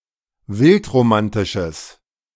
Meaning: strong/mixed nominative/accusative neuter singular of wildromantisch
- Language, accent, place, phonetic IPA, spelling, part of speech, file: German, Germany, Berlin, [ˈvɪltʁoˌmantɪʃəs], wildromantisches, adjective, De-wildromantisches.ogg